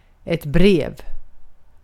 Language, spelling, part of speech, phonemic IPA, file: Swedish, brev, noun, /breːv/, Sv-brev.ogg
- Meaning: 1. a letter (written communication) 2. a letter or parcel within certain size and weight 3. a legal document 4. a post (on an internet forum)